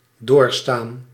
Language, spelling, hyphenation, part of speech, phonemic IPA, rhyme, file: Dutch, doorstaan, door‧staan, verb, /doːrˈstaːn/, -aːn, Nl-doorstaan.ogg
- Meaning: 1. to endure, to weather, to withstand 2. past participle of doorstaan